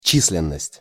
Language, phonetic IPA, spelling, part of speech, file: Russian, [ˈt͡ɕis⁽ʲ⁾lʲɪn(ː)əsʲtʲ], численность, noun, Ru-численность.ogg
- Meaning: number, quantity, count